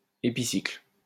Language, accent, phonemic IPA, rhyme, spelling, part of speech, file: French, France, /e.pi.sikl/, -ikl, épicycle, noun, LL-Q150 (fra)-épicycle.wav
- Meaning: epicycle